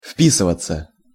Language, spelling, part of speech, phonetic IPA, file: Russian, вписываться, verb, [ˈf⁽ʲ⁾pʲisɨvət͡sə], Ru-вписываться.ogg
- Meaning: 1. to blend (with), to fall in (with), to fit (into) 2. to fit (into), to fit in (with) 3. passive of впи́сывать (vpísyvatʹ)